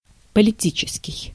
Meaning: political
- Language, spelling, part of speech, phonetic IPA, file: Russian, политический, adjective, [pəlʲɪˈtʲit͡ɕɪskʲɪj], Ru-политический.ogg